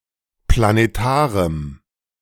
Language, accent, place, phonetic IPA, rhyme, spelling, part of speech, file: German, Germany, Berlin, [planeˈtaːʁəm], -aːʁəm, planetarem, adjective, De-planetarem.ogg
- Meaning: strong dative masculine/neuter singular of planetar